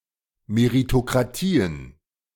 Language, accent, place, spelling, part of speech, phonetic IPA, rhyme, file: German, Germany, Berlin, Meritokratien, noun, [meʁitokʁaˈtiːən], -iːən, De-Meritokratien.ogg
- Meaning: plural of Meritokratie